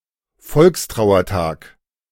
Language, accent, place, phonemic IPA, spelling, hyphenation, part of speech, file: German, Germany, Berlin, /ˈfɔlkstʁaʊ̯ɐˌtaːk/, Volkstrauertag, Volks‧trau‧er‧tag, noun, De-Volkstrauertag.ogg
- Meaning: "People's Day of Mourning"; day of commemoration for the victims of war and oppression. (observed on the second sunday before Advent)